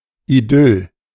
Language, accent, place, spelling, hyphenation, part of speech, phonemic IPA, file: German, Germany, Berlin, Idyll, Idyll, noun, /iˈdʏl/, De-Idyll.ogg
- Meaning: 1. idyllic life, life of Riley 2. idyll